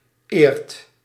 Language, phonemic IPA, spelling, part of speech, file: Dutch, /ert/, eert, verb, Nl-eert.ogg
- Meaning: inflection of eren: 1. second/third-person singular present indicative 2. plural imperative